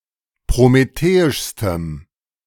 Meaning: strong dative masculine/neuter singular superlative degree of prometheisch
- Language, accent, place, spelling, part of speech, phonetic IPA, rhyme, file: German, Germany, Berlin, prometheischstem, adjective, [pʁomeˈteːɪʃstəm], -eːɪʃstəm, De-prometheischstem.ogg